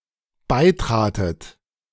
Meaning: second-person plural dependent preterite of beitreten
- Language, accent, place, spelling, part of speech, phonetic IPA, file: German, Germany, Berlin, beitratet, verb, [ˈbaɪ̯ˌtʁaːtət], De-beitratet.ogg